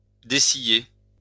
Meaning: post-1990 spelling of dessiller
- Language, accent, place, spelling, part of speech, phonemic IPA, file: French, France, Lyon, déciller, verb, /de.si.je/, LL-Q150 (fra)-déciller.wav